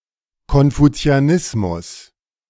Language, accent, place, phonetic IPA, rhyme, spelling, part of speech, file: German, Germany, Berlin, [kɔnfut͡si̯aˈnɪsmʊs], -ɪsmʊs, Konfuzianismus, noun, De-Konfuzianismus.ogg
- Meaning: Confucianism